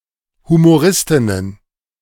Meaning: plural of Humoristin
- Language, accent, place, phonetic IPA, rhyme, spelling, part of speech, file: German, Germany, Berlin, [humoˈʁɪstɪnən], -ɪstɪnən, Humoristinnen, noun, De-Humoristinnen.ogg